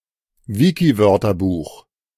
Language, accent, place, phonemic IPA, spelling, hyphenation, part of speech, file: German, Germany, Berlin, /ˈvɪkiˌvœʁtɐˌbuːx/, Wikiwörterbuch, Wi‧ki‧wör‧ter‧buch, proper noun, De-Wikiwörterbuch.ogg
- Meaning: Wiktionary, wiktionary (dictionary produced by cooperative online project)